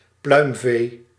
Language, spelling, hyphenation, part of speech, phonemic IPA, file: Dutch, pluimvee, pluim‧vee, noun, /ˈplœy̯m.veː/, Nl-pluimvee.ogg
- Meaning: fowl